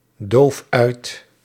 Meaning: inflection of uitdoven: 1. first-person singular present indicative 2. second-person singular present indicative 3. imperative
- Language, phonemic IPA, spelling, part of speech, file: Dutch, /ˈdof ˈœyt/, doof uit, verb, Nl-doof uit.ogg